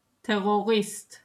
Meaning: terrorist
- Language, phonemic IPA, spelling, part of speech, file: Hebrew, /teʁoˈʁist/, טרוריסט, noun, He-טֶרוֹרִיסְט.ogg